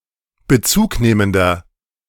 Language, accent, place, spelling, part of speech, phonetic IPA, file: German, Germany, Berlin, bezugnehmender, adjective, [bəˈt͡suːkˌneːməndɐ], De-bezugnehmender.ogg
- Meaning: inflection of bezugnehmend: 1. strong/mixed nominative masculine singular 2. strong genitive/dative feminine singular 3. strong genitive plural